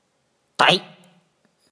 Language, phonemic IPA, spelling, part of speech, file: Mon, /tʰɛ̤ʔ/, ဓ, character, Mnw-ဓ.oga
- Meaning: Dha, the nineteenth consonant of the Mon alphabet